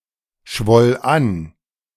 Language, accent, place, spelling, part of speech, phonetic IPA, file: German, Germany, Berlin, schwoll an, verb, [ˌʃvɔl ˈan], De-schwoll an.ogg
- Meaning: first/third-person singular preterite of anschwellen